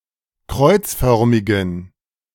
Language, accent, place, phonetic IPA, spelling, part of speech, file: German, Germany, Berlin, [ˈkʁɔɪ̯t͡sˌfœʁmɪɡn̩], kreuzförmigen, adjective, De-kreuzförmigen.ogg
- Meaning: inflection of kreuzförmig: 1. strong genitive masculine/neuter singular 2. weak/mixed genitive/dative all-gender singular 3. strong/weak/mixed accusative masculine singular 4. strong dative plural